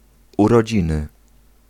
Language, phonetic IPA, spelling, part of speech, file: Polish, [ˌurɔˈd͡ʑĩnɨ], urodziny, noun, Pl-urodziny.ogg